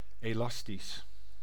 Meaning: elastic
- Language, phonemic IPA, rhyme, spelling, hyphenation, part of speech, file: Dutch, /eːˈlɑstis/, -ɑstis, elastisch, elas‧tisch, adjective, Nl-elastisch.ogg